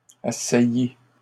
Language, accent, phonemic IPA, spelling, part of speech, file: French, Canada, /a.sa.ji/, assaillis, verb, LL-Q150 (fra)-assaillis.wav
- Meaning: masculine plural of assailli